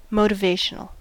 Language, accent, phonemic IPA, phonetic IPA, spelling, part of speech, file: English, US, /ˈmoʊ.tə.veɪ.ʃ(ə.)nəl/, [ˈmoʊ.ɾə.veɪ.ʃ(ə.)nəl], motivational, adjective, En-us-motivational.ogg
- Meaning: Tending or intended to motivate